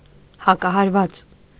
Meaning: counterblow, counterstroke
- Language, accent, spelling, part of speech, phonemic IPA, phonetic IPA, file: Armenian, Eastern Armenian, հակահարված, noun, /hɑkɑhɑɾˈvɑt͡s/, [hɑkɑhɑɾvɑ́t͡s], Hy-հակահարված.ogg